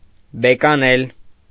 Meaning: 1. to annul, to reverse (a decision) 2. alternative form of բեկել (bekel)
- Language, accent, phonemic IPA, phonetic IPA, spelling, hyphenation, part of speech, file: Armenian, Eastern Armenian, /bekɑˈnel/, [bekɑnél], բեկանել, բե‧կա‧նել, verb, Hy-բեկանել.ogg